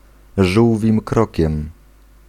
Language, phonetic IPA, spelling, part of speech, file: Polish, [ˈʒuwvʲĩm ˈkrɔcɛ̃m], żółwim krokiem, adverbial phrase, Pl-żółwim krokiem.ogg